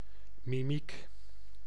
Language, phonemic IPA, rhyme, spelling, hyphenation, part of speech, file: Dutch, /miˈmik/, -ik, mimiek, mi‧miek, noun, Nl-mimiek.ogg
- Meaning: facial expression